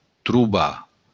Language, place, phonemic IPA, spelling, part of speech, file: Occitan, Béarn, /tɾuˈba/, trobar, verb, LL-Q14185 (oci)-trobar.wav
- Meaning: to find